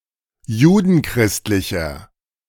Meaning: inflection of judenchristlich: 1. strong/mixed nominative masculine singular 2. strong genitive/dative feminine singular 3. strong genitive plural
- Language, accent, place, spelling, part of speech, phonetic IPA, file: German, Germany, Berlin, judenchristlicher, adjective, [ˈjuːdn̩ˌkʁɪstlɪçɐ], De-judenchristlicher.ogg